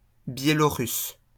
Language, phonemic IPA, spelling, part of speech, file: French, /bje.lɔ.ʁys/, biélorusse, adjective / noun, LL-Q150 (fra)-biélorusse.wav
- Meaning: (adjective) of Belarus; Belarusian; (noun) Belarusian (language of Belarus)